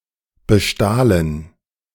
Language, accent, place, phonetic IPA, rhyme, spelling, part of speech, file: German, Germany, Berlin, [bəˈʃtaːlən], -aːlən, bestahlen, verb, De-bestahlen.ogg
- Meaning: first/third-person plural preterite of bestehlen